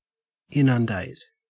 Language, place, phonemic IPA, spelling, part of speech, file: English, Queensland, /ˈɪn.ənˌdæɪt/, inundate, verb, En-au-inundate.ogg
- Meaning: 1. To cover with large amounts of water; to flood 2. To overwhelm